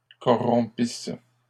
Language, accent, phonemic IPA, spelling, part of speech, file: French, Canada, /kɔ.ʁɔ̃.pis/, corrompisse, verb, LL-Q150 (fra)-corrompisse.wav
- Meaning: first-person singular imperfect subjunctive of corrompre